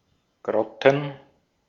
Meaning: plural of Grotte
- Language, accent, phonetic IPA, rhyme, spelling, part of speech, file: German, Austria, [ˈɡʁɔtn̩], -ɔtn̩, Grotten, noun, De-at-Grotten.ogg